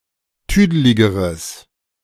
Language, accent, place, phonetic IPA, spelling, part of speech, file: German, Germany, Berlin, [ˈtyːdəlɪɡəʁəs], tüdeligeres, adjective, De-tüdeligeres.ogg
- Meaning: strong/mixed nominative/accusative neuter singular comparative degree of tüdelig